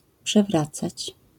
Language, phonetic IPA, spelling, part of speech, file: Polish, [pʃɛˈvrat͡sat͡ɕ], przewracać, verb, LL-Q809 (pol)-przewracać.wav